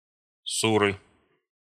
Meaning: inflection of су́ра (súra): 1. genitive singular 2. nominative/accusative plural
- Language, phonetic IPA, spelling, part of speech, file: Russian, [ˈsurɨ], суры, noun, Ru-суры.ogg